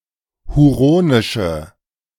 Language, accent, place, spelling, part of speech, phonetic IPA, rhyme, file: German, Germany, Berlin, huronische, adjective, [huˈʁoːnɪʃə], -oːnɪʃə, De-huronische.ogg
- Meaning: inflection of huronisch: 1. strong/mixed nominative/accusative feminine singular 2. strong nominative/accusative plural 3. weak nominative all-gender singular